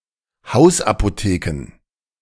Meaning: plural of Hausapotheke
- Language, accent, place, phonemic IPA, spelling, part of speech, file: German, Germany, Berlin, /ˈhaʊ̯sʔapoˌteːkə/, Hausapotheken, noun, De-Hausapotheken.ogg